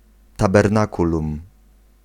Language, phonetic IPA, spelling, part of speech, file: Polish, [ˌtabɛrˈnakulũm], tabernakulum, noun, Pl-tabernakulum.ogg